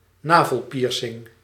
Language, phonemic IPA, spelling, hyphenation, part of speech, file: Dutch, /ˈnaː.vəlˌpiːr.sɪŋ/, navelpiercing, na‧vel‧pier‧cing, noun, Nl-navelpiercing.ogg
- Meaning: navel piercing